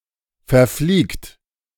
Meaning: inflection of verfliegen: 1. third-person singular present 2. second-person plural present 3. plural imperative
- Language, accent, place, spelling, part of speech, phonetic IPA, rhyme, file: German, Germany, Berlin, verfliegt, verb, [fɛɐ̯ˈfliːkt], -iːkt, De-verfliegt.ogg